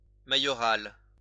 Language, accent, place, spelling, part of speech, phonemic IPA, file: French, France, Lyon, maïoral, adjective, /ma.jɔ.ʁal/, LL-Q150 (fra)-maïoral.wav
- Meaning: mayoral